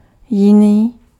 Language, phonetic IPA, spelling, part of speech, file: Czech, [ˈjɪniː], jiný, adjective, Cs-jiný.ogg
- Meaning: different